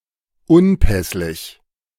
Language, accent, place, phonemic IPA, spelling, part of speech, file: German, Germany, Berlin, /ˈʊnˌpɛslɪç/, unpässlich, adjective, De-unpässlich.ogg
- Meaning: indisposed, unwell